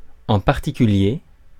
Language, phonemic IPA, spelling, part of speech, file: French, /ɑ̃ paʁ.ti.ky.lje/, en particulier, adverb, Fr-en particulier.ogg
- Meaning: in particular, especially, particularly